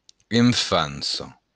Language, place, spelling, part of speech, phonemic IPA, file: Occitan, Béarn, enfança, noun, /e.fanˈsɔ/, LL-Q14185 (oci)-enfança.wav
- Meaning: childhood